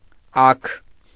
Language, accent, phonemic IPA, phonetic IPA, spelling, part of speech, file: Armenian, Eastern Armenian, /ɑkʰ/, [ɑkʰ], աք, noun, Hy-աք.ogg
- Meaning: leg